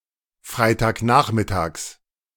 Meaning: genitive of Freitagnachmittag
- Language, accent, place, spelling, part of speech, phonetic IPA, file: German, Germany, Berlin, Freitagnachmittags, noun, [ˈfʁaɪ̯taːkˌnaːxmɪtaːks], De-Freitagnachmittags.ogg